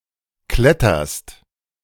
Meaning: second-person singular present of klettern
- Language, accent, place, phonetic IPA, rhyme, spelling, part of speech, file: German, Germany, Berlin, [ˈklɛtɐst], -ɛtɐst, kletterst, verb, De-kletterst.ogg